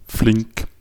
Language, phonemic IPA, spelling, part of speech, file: German, /flɪŋk/, flink, adjective, De-flink.ogg
- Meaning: quick, nimble